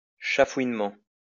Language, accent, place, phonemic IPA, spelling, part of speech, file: French, France, Lyon, /ʃa.fwin.mɑ̃/, chafouinement, adverb, LL-Q150 (fra)-chafouinement.wav
- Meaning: slyly